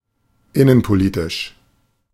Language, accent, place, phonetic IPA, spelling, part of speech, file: German, Germany, Berlin, [ˈɪnənpoˌliːtɪʃ], innenpolitisch, adjective, De-innenpolitisch.ogg
- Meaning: regarding domestic policy